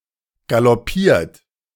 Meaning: 1. past participle of galoppieren 2. inflection of galoppieren: third-person singular present 3. inflection of galoppieren: second-person plural present 4. inflection of galoppieren: plural imperative
- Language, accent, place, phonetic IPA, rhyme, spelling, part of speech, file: German, Germany, Berlin, [ɡalɔˈpiːɐ̯t], -iːɐ̯t, galoppiert, verb, De-galoppiert.ogg